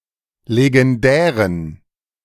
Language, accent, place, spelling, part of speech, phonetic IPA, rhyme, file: German, Germany, Berlin, legendären, adjective, [leɡɛnˈdɛːʁən], -ɛːʁən, De-legendären.ogg
- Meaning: inflection of legendär: 1. strong genitive masculine/neuter singular 2. weak/mixed genitive/dative all-gender singular 3. strong/weak/mixed accusative masculine singular 4. strong dative plural